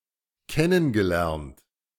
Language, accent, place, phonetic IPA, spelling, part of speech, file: German, Germany, Berlin, [ˈkɛnənɡəˌlɛʁnt], kennengelernt, verb, De-kennengelernt.ogg
- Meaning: past participle of kennenlernen